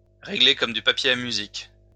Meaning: very organized, very methodical, very precise; like clockwork
- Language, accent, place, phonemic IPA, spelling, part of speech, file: French, France, Lyon, /ʁe.ɡle kɔm dy pa.pje a my.zik/, réglé comme du papier à musique, adjective, LL-Q150 (fra)-réglé comme du papier à musique.wav